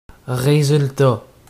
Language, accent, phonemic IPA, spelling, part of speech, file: French, Canada, /ʁe.zyl.ta/, résultat, noun, Qc-résultat.ogg
- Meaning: 1. outcome; result 2. bottom line